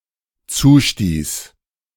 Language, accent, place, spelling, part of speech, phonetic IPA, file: German, Germany, Berlin, zustieß, verb, [ˈt͡suːˌʃtiːs], De-zustieß.ogg
- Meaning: first/third-person singular dependent preterite of zustoßen